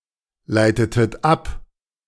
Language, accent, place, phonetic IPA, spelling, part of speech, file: German, Germany, Berlin, [ˌlaɪ̯tətət ˈap], leitetet ab, verb, De-leitetet ab.ogg
- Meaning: inflection of ableiten: 1. second-person plural preterite 2. second-person plural subjunctive II